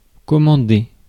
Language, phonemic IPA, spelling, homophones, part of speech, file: French, /kɔ.mɑ̃.de/, commander, commandai / commandé / commandée / commandées / commandés / commandez, verb, Fr-commander.ogg
- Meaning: 1. to order (tell someone to do something) 2. to order (ask for a product)